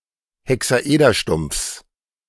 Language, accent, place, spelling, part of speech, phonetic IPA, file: German, Germany, Berlin, Hexaederstumpfs, noun, [hɛksaˈʔeːdɐˌʃtʊmp͡fs], De-Hexaederstumpfs.ogg
- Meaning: genitive singular of Hexaederstumpf